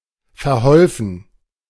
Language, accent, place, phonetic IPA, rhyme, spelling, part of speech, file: German, Germany, Berlin, [fɛɐ̯ˈhɔlfn̩], -ɔlfn̩, verholfen, verb, De-verholfen.ogg
- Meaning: past participle of verhelfen